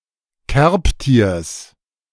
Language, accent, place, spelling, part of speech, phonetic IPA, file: German, Germany, Berlin, Kerbtiers, noun, [ˈkɛʁpˌtiːɐ̯s], De-Kerbtiers.ogg
- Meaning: genitive singular of Kerbtier